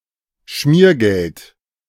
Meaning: lubrication payment, bribe
- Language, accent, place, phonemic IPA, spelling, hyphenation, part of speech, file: German, Germany, Berlin, /ˈʃmiːɐ̯ˌɡɛlt/, Schmiergeld, Schmier‧geld, noun, De-Schmiergeld.ogg